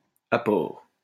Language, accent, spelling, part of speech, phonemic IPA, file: French, France, apore, noun, /a.pɔʁ/, LL-Q150 (fra)-apore.wav
- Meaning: synonym of aporie